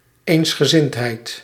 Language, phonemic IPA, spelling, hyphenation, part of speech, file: Dutch, /ˌeːns.xəˈzɪnt.ɦɛi̯t/, eensgezindheid, eens‧ge‧zind‧heid, noun, Nl-eensgezindheid.ogg
- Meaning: unanimity, unity, concert, harmony (state of sharing the same view; agreement)